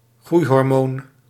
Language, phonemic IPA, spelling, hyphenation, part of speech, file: Dutch, /ˈɣrui̯.ɦɔrˌmoːn/, groeihormoon, groei‧hor‧moon, noun, Nl-groeihormoon.ogg
- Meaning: growth hormone